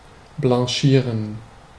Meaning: to blanche
- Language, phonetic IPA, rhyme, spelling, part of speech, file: German, [blɑ̃ˈʃiːʁən], -iːʁən, blanchieren, verb, De-blanchieren.ogg